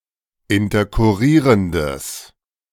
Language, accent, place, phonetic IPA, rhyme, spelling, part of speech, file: German, Germany, Berlin, [ɪntɐkʊˈʁiːʁəndəs], -iːʁəndəs, interkurrierendes, adjective, De-interkurrierendes.ogg
- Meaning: strong/mixed nominative/accusative neuter singular of interkurrierend